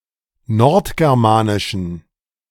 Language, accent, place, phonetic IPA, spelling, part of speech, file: German, Germany, Berlin, [ˈnɔʁtɡɛʁˌmaːnɪʃn̩], nordgermanischen, adjective, De-nordgermanischen.ogg
- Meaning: inflection of nordgermanisch: 1. strong genitive masculine/neuter singular 2. weak/mixed genitive/dative all-gender singular 3. strong/weak/mixed accusative masculine singular 4. strong dative plural